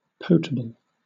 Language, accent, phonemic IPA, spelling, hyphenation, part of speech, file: English, Southern England, /ˈpəʊtəbəl/, potable, pot‧a‧ble, adjective / noun, LL-Q1860 (eng)-potable.wav
- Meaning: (adjective) Good for drinking without fear of waterborne disease or poisoning; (noun) Any drinkable liquid; a beverage